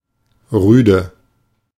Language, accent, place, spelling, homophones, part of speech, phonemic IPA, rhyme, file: German, Germany, Berlin, rüde, Rüde, adjective, /ˈʁyːdə/, -yːdə, De-rüde.ogg
- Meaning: rude, harsh